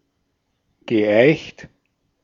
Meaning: past participle of eichen
- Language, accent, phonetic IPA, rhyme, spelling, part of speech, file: German, Austria, [ɡəˈʔaɪ̯çt], -aɪ̯çt, geeicht, verb, De-at-geeicht.ogg